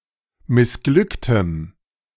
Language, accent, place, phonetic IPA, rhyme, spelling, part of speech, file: German, Germany, Berlin, [mɪsˈɡlʏktəm], -ʏktəm, missglücktem, adjective, De-missglücktem.ogg
- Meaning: strong dative masculine/neuter singular of missglückt